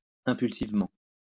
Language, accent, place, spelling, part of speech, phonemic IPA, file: French, France, Lyon, impulsivement, adverb, /ɛ̃.pyl.siv.mɑ̃/, LL-Q150 (fra)-impulsivement.wav
- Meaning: impulsively